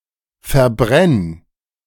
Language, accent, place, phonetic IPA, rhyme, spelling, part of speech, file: German, Germany, Berlin, [fɛɐ̯ˈbʁɛn], -ɛn, verbrenn, verb, De-verbrenn.ogg
- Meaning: singular imperative of verbrennen